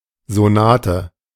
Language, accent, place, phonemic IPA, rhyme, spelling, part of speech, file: German, Germany, Berlin, /zoˈnaːtə/, -aːtə, Sonate, noun, De-Sonate.ogg
- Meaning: sonata